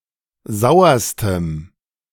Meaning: strong dative masculine/neuter singular superlative degree of sauer
- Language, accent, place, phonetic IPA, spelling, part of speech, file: German, Germany, Berlin, [ˈzaʊ̯ɐstəm], sauerstem, adjective, De-sauerstem.ogg